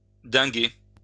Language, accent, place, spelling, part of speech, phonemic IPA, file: French, France, Lyon, dinguer, verb, /dɛ̃.ɡe/, LL-Q150 (fra)-dinguer.wav
- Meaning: to ding (hit or strike)